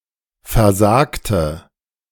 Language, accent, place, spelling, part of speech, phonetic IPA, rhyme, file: German, Germany, Berlin, versagte, adjective / verb, [fɛɐ̯ˈzaːktə], -aːktə, De-versagte.ogg
- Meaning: inflection of versagen: 1. first/third-person singular preterite 2. first/third-person singular subjunctive II